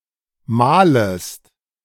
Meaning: second-person singular subjunctive I of mahlen
- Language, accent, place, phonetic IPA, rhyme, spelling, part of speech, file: German, Germany, Berlin, [ˈmaːləst], -aːləst, mahlest, verb, De-mahlest.ogg